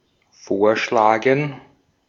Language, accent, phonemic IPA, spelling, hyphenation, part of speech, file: German, Austria, /ˈfoːɐ̯ˌʃlaːɡŋ/, vorschlagen, vor‧schla‧gen, verb, De-at-vorschlagen.ogg
- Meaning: to propose, to suggest